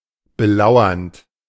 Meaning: present participle of belauern
- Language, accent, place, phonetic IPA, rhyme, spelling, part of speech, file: German, Germany, Berlin, [bəˈlaʊ̯ɐnt], -aʊ̯ɐnt, belauernd, verb, De-belauernd.ogg